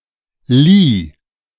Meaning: first/third-person singular preterite of leihen
- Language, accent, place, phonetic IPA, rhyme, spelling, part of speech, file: German, Germany, Berlin, [liː], -iː, lieh, verb, De-lieh.ogg